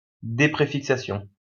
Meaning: stemming (removing a prefix)
- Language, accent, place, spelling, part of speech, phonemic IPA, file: French, France, Lyon, dépréfixation, noun, /de.pʁe.fik.sa.sjɔ̃/, LL-Q150 (fra)-dépréfixation.wav